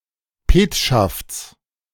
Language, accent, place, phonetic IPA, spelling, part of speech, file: German, Germany, Berlin, [ˈpeːtʃaft͡s], Petschafts, noun, De-Petschafts.ogg
- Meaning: genitive of Petschaft